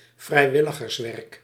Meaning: volunteering work, community service
- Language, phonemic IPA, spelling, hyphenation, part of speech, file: Dutch, /vrɛi̯ˈʋɪ.lə.ɣərsˌʋɛrk/, vrijwilligerswerk, vrij‧wil‧li‧gers‧werk, noun, Nl-vrijwilligerswerk.ogg